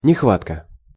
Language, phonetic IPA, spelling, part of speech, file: Russian, [nʲɪxˈvatkə], нехватка, noun, Ru-нехватка.ogg
- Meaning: shortage (not enough, not sufficient)